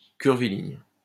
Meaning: curvilinear
- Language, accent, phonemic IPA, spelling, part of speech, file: French, France, /kyʁ.vi.liɲ/, curviligne, adjective, LL-Q150 (fra)-curviligne.wav